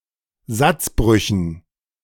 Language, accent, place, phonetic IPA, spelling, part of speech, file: German, Germany, Berlin, [ˈzat͡sˌbʁʏçn̩], Satzbrüchen, noun, De-Satzbrüchen.ogg
- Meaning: dative plural of Satzbruch